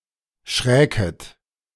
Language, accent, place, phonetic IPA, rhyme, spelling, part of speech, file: German, Germany, Berlin, [ˈʃʁɛːkət], -ɛːkət, schräket, verb, De-schräket.ogg
- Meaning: second-person plural subjunctive II of schrecken